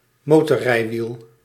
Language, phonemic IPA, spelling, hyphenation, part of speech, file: Dutch, /ˈmoː.tɔrˌrɛi̯.ʋil/, motorrijwiel, mo‧tor‧rij‧wiel, noun, Nl-motorrijwiel.ogg
- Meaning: motorbike